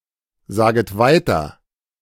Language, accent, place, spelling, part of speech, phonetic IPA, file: German, Germany, Berlin, saget weiter, verb, [ˌzaːɡət ˈvaɪ̯tɐ], De-saget weiter.ogg
- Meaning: second-person plural subjunctive I of weitersagen